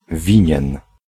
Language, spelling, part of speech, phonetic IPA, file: Polish, winien, adjective / verb, [ˈvʲĩɲɛ̃n], Pl-winien.ogg